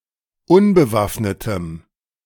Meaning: strong dative masculine/neuter singular of unbewaffnet
- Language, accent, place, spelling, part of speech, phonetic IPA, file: German, Germany, Berlin, unbewaffnetem, adjective, [ˈʊnbəˌvafnətəm], De-unbewaffnetem.ogg